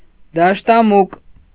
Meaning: field mouse
- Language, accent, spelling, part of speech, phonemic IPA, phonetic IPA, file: Armenian, Eastern Armenian, դաշտամուկ, noun, /dɑʃtɑˈmuk/, [dɑʃtɑmúk], Hy-դաշտամուկ.ogg